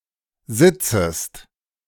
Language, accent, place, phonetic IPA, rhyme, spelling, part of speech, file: German, Germany, Berlin, [ˈzɪt͡səst], -ɪt͡səst, sitzest, verb, De-sitzest.ogg
- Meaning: second-person singular subjunctive I of sitzen